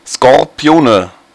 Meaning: nominative/accusative/genitive plural of Skorpion "scorpions"
- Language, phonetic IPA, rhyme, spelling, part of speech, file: German, [skɔʁˈpi̯oːnə], -oːnə, Skorpione, noun, De-Skorpione.ogg